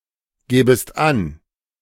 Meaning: second-person singular subjunctive II of angeben
- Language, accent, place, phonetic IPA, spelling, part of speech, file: German, Germany, Berlin, [ˌɡɛːbəst ˈan], gäbest an, verb, De-gäbest an.ogg